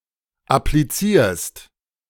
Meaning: second-person singular present of applizieren
- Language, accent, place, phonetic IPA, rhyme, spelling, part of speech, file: German, Germany, Berlin, [apliˈt͡siːɐ̯st], -iːɐ̯st, applizierst, verb, De-applizierst.ogg